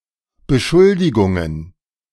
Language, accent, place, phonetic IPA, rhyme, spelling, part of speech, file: German, Germany, Berlin, [bəˈʃʊldɪɡʊŋən], -ʊldɪɡʊŋən, Beschuldigungen, noun, De-Beschuldigungen.ogg
- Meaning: plural of Beschuldigung